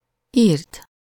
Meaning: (verb) 1. third-person singular indicative past indefinite of ír 2. past participle of ír; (adjective) accusative singular of ír
- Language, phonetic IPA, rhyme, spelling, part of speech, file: Hungarian, [ˈiːrt], -iːrt, írt, verb / adjective / noun, Hu-írt.ogg